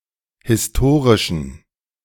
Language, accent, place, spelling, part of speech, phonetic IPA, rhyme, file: German, Germany, Berlin, historischen, adjective, [hɪsˈtoːʁɪʃn̩], -oːʁɪʃn̩, De-historischen.ogg
- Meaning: inflection of historisch: 1. strong genitive masculine/neuter singular 2. weak/mixed genitive/dative all-gender singular 3. strong/weak/mixed accusative masculine singular 4. strong dative plural